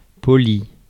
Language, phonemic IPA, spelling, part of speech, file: French, /pɔ.li/, poli, adjective / noun / verb, Fr-poli.ogg
- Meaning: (adjective) 1. polite 2. polished; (noun) lustre, polish; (verb) past participle of polir